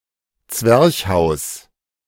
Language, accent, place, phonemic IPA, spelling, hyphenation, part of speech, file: German, Germany, Berlin, /ˈt͡svɛʁçhaʊ̯s/, Zwerchhaus, Zwerch‧haus, noun, De-Zwerchhaus.ogg
- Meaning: wall dormer (a projection out of a slanted roof whose front is flush with the wall below on that side, optionally multiple floors tall)